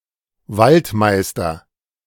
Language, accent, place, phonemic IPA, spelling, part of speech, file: German, Germany, Berlin, /ˈvaltˌmaɪ̯stɐ/, Waldmeister, noun, De-Waldmeister.ogg
- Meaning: woodruff